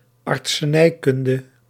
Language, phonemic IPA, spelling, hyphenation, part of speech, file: Dutch, /ɑrt.səˈnɛi̯ˌkʏn.də/, artsenijkunde, art‧se‧nij‧kun‧de, noun, Nl-artsenijkunde.ogg
- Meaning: medicine (scientific discipline)